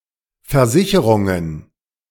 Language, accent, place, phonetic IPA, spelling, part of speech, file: German, Germany, Berlin, [fɛɐ̯ˈzɪçəʁʊŋən], Versicherungen, noun, De-Versicherungen.ogg
- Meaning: plural of Versicherung